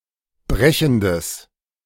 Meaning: strong/mixed nominative/accusative neuter singular of brechend
- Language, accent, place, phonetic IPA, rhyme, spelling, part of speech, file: German, Germany, Berlin, [ˈbʁɛçn̩dəs], -ɛçn̩dəs, brechendes, adjective, De-brechendes.ogg